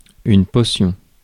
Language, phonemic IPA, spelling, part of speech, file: French, /pɔʁ.sjɔ̃/, portion, noun, Fr-portion.ogg
- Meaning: portion